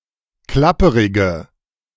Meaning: inflection of klapperig: 1. strong/mixed nominative/accusative feminine singular 2. strong nominative/accusative plural 3. weak nominative all-gender singular
- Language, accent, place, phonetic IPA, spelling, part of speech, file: German, Germany, Berlin, [ˈklapəʁɪɡə], klapperige, adjective, De-klapperige.ogg